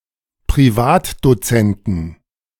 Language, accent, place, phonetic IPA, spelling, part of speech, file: German, Germany, Berlin, [pʁiˈvaːtdoˌt͡sɛntn̩], Privatdozenten, noun, De-Privatdozenten.ogg
- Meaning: plural of Privatdozent